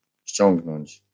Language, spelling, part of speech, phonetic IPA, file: Polish, ściągnąć, verb, [ˈɕt͡ɕɔ̃ŋɡnɔ̃ɲt͡ɕ], LL-Q809 (pol)-ściągnąć.wav